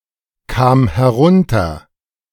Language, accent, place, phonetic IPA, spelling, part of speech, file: German, Germany, Berlin, [ˌkaːm hɛˈʁʊntɐ], kam herunter, verb, De-kam herunter.ogg
- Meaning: first/third-person singular preterite of herunterkommen